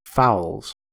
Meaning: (noun) plural of fowl; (verb) third-person singular simple present indicative of fowl
- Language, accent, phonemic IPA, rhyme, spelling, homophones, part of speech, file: English, US, /faʊlz/, -aʊlz, fowls, fouls, noun / verb, En-us-fowls.ogg